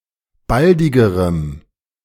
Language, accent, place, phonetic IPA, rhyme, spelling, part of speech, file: German, Germany, Berlin, [ˈbaldɪɡəʁəm], -aldɪɡəʁəm, baldigerem, adjective, De-baldigerem.ogg
- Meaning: strong dative masculine/neuter singular comparative degree of baldig